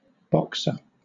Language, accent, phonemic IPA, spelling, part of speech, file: English, Southern England, /ˈbɒksə/, boxer, noun, LL-Q1860 (eng)-boxer.wav
- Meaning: 1. A participant in a boxing match; a fighter who boxes 2. A type of internal combustion engine in which cylinders are arranged in two banks on either side of a single crankshaft